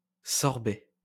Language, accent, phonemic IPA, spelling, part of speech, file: French, France, /sɔʁ.bɛ/, sorbet, noun, LL-Q150 (fra)-sorbet.wav
- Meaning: sorbet, sherbet